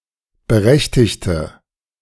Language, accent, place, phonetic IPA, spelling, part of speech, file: German, Germany, Berlin, [bəˈʁɛçtɪçtə], berechtigte, verb / adjective, De-berechtigte.ogg
- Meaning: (verb) inflection of berechtigt: 1. strong/mixed nominative/accusative feminine singular 2. strong nominative/accusative plural 3. weak nominative all-gender singular